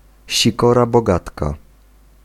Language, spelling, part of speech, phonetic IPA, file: Polish, sikora bogatka, noun, [ɕiˈkɔra bɔˈɡatka], Pl-sikora bogatka.ogg